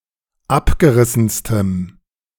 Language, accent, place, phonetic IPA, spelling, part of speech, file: German, Germany, Berlin, [ˈapɡəˌʁɪsn̩stəm], abgerissenstem, adjective, De-abgerissenstem.ogg
- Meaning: strong dative masculine/neuter singular superlative degree of abgerissen